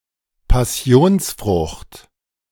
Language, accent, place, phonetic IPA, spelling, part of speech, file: German, Germany, Berlin, [paˈsi̯oːnsˌfʁʊxt], Passionsfrucht, noun, De-Passionsfrucht.ogg
- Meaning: passion fruit